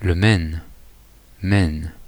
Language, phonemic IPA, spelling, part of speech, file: French, /mɛn/, Maine, proper noun, Fr-Maine.oga
- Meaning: 1. Maine (a former province of Pays de la Loire, France) 2. Maine (a state of the United States; probably named for the province in France)